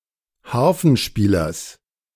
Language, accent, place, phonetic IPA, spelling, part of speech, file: German, Germany, Berlin, [ˈhaʁfn̩ˌʃpiːlɐs], Harfenspielers, noun, De-Harfenspielers.ogg
- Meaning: genitive of Harfenspieler